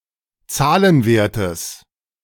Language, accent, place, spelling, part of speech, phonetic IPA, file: German, Germany, Berlin, Zahlenwertes, noun, [ˈt͡saːlənˌveːɐ̯təs], De-Zahlenwertes.ogg
- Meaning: genitive singular of Zahlenwert